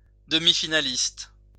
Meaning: semi-finalist
- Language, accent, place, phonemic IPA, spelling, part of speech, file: French, France, Lyon, /də.mi.fi.na.list/, demi-finaliste, noun, LL-Q150 (fra)-demi-finaliste.wav